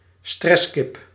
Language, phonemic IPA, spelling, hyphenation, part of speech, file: Dutch, /ˈstrɛs.kɪp/, stresskip, stress‧kip, noun, Nl-stresskip.ogg
- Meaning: a stress-prone person